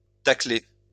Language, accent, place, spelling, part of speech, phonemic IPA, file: French, France, Lyon, tackler, verb, /ta.kle/, LL-Q150 (fra)-tackler.wav
- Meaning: alternative spelling of tacler